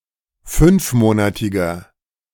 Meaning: inflection of fünfmonatig: 1. strong/mixed nominative masculine singular 2. strong genitive/dative feminine singular 3. strong genitive plural
- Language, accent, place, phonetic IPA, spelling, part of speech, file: German, Germany, Berlin, [ˈfʏnfˌmoːnatɪɡɐ], fünfmonatiger, adjective, De-fünfmonatiger.ogg